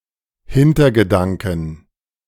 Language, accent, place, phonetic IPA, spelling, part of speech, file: German, Germany, Berlin, [ˈhɪntɐɡəˌdaŋkn̩], Hintergedanken, noun, De-Hintergedanken.ogg
- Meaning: inflection of Hintergedanke: 1. dative/accusative singular 2. plural